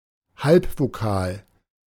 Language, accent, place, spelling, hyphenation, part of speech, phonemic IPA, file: German, Germany, Berlin, Halbvokal, Halb‧vo‧kal, noun, /ˈhalpvoˌkaːl/, De-Halbvokal.ogg
- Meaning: semivowel